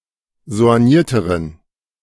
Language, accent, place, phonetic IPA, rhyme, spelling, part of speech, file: German, Germany, Berlin, [zo̯anˈjiːɐ̯təʁən], -iːɐ̯təʁən, soignierteren, adjective, De-soignierteren.ogg
- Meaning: inflection of soigniert: 1. strong genitive masculine/neuter singular comparative degree 2. weak/mixed genitive/dative all-gender singular comparative degree